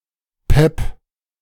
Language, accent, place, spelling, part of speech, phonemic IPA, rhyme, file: German, Germany, Berlin, Pep, noun, /pɛp/, -ɛp, De-Pep.ogg
- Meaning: 1. verve, pep 2. speed (amphetamine-based drug)